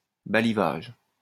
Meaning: staddling (marking of saplings to remain when thinning a forest)
- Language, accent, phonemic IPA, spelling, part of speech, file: French, France, /ba.li.vaʒ/, balivage, noun, LL-Q150 (fra)-balivage.wav